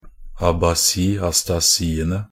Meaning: definite plural of abasi-astasi
- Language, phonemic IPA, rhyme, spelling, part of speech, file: Norwegian Bokmål, /abaˈsiː.astaˈsiːənə/, -ənə, abasi-astasiene, noun, Nb-abasi-astasiene.ogg